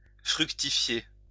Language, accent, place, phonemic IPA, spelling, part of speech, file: French, France, Lyon, /fʁyk.ti.fje/, fructifier, verb, LL-Q150 (fra)-fructifier.wav
- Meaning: to fructify